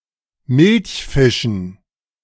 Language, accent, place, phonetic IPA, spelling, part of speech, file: German, Germany, Berlin, [ˈmɪlçˌfɪʃn̩], Milchfischen, noun, De-Milchfischen.ogg
- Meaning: dative plural of Milchfisch